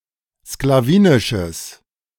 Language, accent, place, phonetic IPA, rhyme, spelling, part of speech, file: German, Germany, Berlin, [sklaˈviːnɪʃəs], -iːnɪʃəs, sklawinisches, adjective, De-sklawinisches.ogg
- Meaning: strong/mixed nominative/accusative neuter singular of sklawinisch